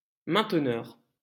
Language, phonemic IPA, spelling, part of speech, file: French, /mɛ̃t.nœʁ/, mainteneur, noun, LL-Q150 (fra)-mainteneur.wav
- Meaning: maintainer